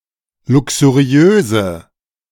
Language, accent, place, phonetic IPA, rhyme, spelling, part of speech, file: German, Germany, Berlin, [ˌlʊksuˈʁi̯øːzə], -øːzə, luxuriöse, adjective, De-luxuriöse.ogg
- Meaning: inflection of luxuriös: 1. strong/mixed nominative/accusative feminine singular 2. strong nominative/accusative plural 3. weak nominative all-gender singular